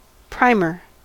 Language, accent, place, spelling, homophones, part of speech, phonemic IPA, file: English, US, California, primer, primmer, noun, /ˈpɹaɪmɚ/, En-us-primer.ogg